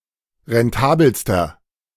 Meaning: inflection of rentabel: 1. strong/mixed nominative masculine singular superlative degree 2. strong genitive/dative feminine singular superlative degree 3. strong genitive plural superlative degree
- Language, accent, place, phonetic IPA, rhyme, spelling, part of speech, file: German, Germany, Berlin, [ʁɛnˈtaːbl̩stɐ], -aːbl̩stɐ, rentabelster, adjective, De-rentabelster.ogg